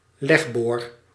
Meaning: ovipositor
- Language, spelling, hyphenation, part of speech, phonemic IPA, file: Dutch, legboor, leg‧boor, noun, /ˈlɛx.boːr/, Nl-legboor.ogg